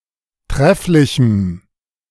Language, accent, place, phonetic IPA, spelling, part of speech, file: German, Germany, Berlin, [ˈtʁɛflɪçm̩], trefflichem, adjective, De-trefflichem.ogg
- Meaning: strong dative masculine/neuter singular of trefflich